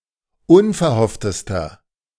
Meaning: inflection of unverhofft: 1. strong/mixed nominative masculine singular superlative degree 2. strong genitive/dative feminine singular superlative degree 3. strong genitive plural superlative degree
- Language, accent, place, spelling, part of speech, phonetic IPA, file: German, Germany, Berlin, unverhofftester, adjective, [ˈʊnfɛɐ̯ˌhɔftəstɐ], De-unverhofftester.ogg